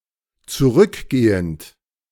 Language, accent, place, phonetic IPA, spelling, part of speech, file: German, Germany, Berlin, [t͡suˈʁʏkˌɡeːənt], zurückgehend, verb, De-zurückgehend.ogg
- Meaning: present participle of zurückgehen